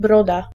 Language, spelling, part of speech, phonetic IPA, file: Polish, broda, noun, [ˈbrɔda], Pl-broda.ogg